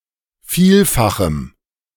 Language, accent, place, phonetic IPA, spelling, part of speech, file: German, Germany, Berlin, [ˈfiːlfaxm̩], vielfachem, adjective, De-vielfachem.ogg
- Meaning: strong dative masculine/neuter singular of vielfach